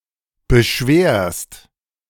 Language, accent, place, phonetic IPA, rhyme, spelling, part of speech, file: German, Germany, Berlin, [bəˈʃveːɐ̯st], -eːɐ̯st, beschwerst, verb, De-beschwerst.ogg
- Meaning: second-person singular present of beschweren